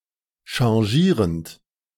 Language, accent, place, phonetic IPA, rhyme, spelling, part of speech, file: German, Germany, Berlin, [ʃɑ̃ˈʒiːʁənt], -iːʁənt, changierend, verb, De-changierend.ogg
- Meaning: present participle of changieren